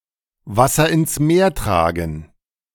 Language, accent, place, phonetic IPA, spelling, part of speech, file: German, Germany, Berlin, [ˈvasɐ ɪns meːɐ̯ ˈtʁaːɡn̩], Wasser ins Meer tragen, phrase, De-Wasser ins Meer tragen.ogg
- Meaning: to carry coals to Newcastle; to bring owls to Athens (do some redundant and pointless)